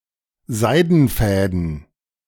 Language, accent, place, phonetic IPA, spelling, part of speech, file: German, Germany, Berlin, [ˈzaɪ̯dn̩ˌfɛːdn̩], Seidenfäden, noun, De-Seidenfäden.ogg
- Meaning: plural of Seidenfaden